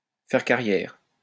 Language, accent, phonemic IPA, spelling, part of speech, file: French, France, /fɛʁ ka.ʁjɛʁ/, faire carrière, verb, LL-Q150 (fra)-faire carrière.wav
- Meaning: to have a career, to make a career (in some industry)